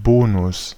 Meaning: 1. bonus (premium or advantage) 2. rebate
- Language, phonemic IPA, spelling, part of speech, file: German, /ˈboːnʊs/, Bonus, noun, De-Bonus.ogg